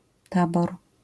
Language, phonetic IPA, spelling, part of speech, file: Polish, [ˈtabɔr], tabor, noun, LL-Q809 (pol)-tabor.wav